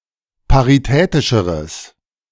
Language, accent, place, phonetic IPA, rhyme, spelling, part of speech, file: German, Germany, Berlin, [paʁiˈtɛːtɪʃəʁəs], -ɛːtɪʃəʁəs, paritätischeres, adjective, De-paritätischeres.ogg
- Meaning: strong/mixed nominative/accusative neuter singular comparative degree of paritätisch